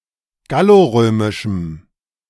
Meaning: strong dative masculine/neuter singular of gallorömisch
- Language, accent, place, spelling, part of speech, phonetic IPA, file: German, Germany, Berlin, gallorömischem, adjective, [ˈɡaloˌʁøːmɪʃm̩], De-gallorömischem.ogg